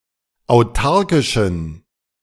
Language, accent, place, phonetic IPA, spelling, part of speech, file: German, Germany, Berlin, [aʊ̯ˈtaʁkɪʃn̩], autarkischen, adjective, De-autarkischen.ogg
- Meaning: inflection of autarkisch: 1. strong genitive masculine/neuter singular 2. weak/mixed genitive/dative all-gender singular 3. strong/weak/mixed accusative masculine singular 4. strong dative plural